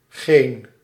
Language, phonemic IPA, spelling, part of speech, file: Dutch, /ˈɣen/, -geen, suffix, Nl--geen.ogg
- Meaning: -gen